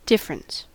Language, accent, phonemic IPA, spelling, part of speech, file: English, US, /ˈdɪf.(ə.)ɹəns/, difference, noun / verb, En-us-difference.ogg
- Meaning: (noun) 1. The quality of being different 2. A characteristic of something that makes it different from something else 3. A disagreement or argument